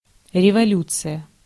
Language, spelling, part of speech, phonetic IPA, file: Russian, революция, noun, [rʲɪvɐˈlʲut͡sɨjə], Ru-революция.ogg
- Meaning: revolution (political upheaval)